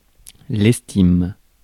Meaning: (verb) inflection of estimer: 1. first/third-person singular present indicative/subjunctive 2. second-person singular imperative; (noun) 1. esteem 2. estimation
- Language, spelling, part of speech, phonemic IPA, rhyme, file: French, estime, verb / noun, /ɛs.tim/, -im, Fr-estime.ogg